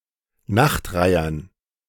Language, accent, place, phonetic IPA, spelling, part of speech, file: German, Germany, Berlin, [ˈnaxtˌʁaɪ̯ɐn], Nachtreihern, noun, De-Nachtreihern.ogg
- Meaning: dative plural of Nachtreiher